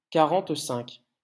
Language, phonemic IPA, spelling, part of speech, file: French, /ka.ʁɑ̃t.sɛ̃k/, quarante-cinq, numeral, LL-Q150 (fra)-quarante-cinq.wav
- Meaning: forty-five